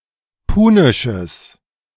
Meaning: strong/mixed nominative/accusative neuter singular of punisch
- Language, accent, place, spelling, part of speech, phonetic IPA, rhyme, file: German, Germany, Berlin, punisches, adjective, [ˈpuːnɪʃəs], -uːnɪʃəs, De-punisches.ogg